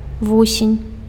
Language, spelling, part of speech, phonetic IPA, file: Belarusian, вусень, noun, [ˈvusʲenʲ], Be-вусень.ogg
- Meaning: caterpillar (larva of a butterfly)